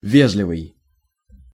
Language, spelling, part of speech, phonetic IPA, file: Russian, вежливый, adjective, [ˈvʲeʐlʲɪvɨj], Ru-вежливый.ogg
- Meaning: 1. courteous, civil, polite 2. formal